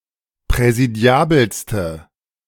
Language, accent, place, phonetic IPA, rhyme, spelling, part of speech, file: German, Germany, Berlin, [pʁɛziˈdi̯aːbl̩stə], -aːbl̩stə, präsidiabelste, adjective, De-präsidiabelste.ogg
- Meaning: inflection of präsidiabel: 1. strong/mixed nominative/accusative feminine singular superlative degree 2. strong nominative/accusative plural superlative degree